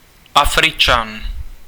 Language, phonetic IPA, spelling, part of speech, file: Czech, [ˈafrɪt͡ʃan], Afričan, noun, Cs-Afričan.ogg
- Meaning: African